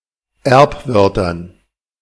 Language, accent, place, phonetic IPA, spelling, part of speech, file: German, Germany, Berlin, [ˈɛʁpˌvœʁtɐn], Erbwörtern, noun, De-Erbwörtern.ogg
- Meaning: dative plural of Erbwort